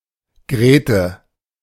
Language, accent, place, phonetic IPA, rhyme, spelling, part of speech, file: German, Germany, Berlin, [ˈɡʁeːtə], -eːtə, Grethe, proper noun, De-Grethe.ogg
- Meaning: a diminutive of the female given name Margarethe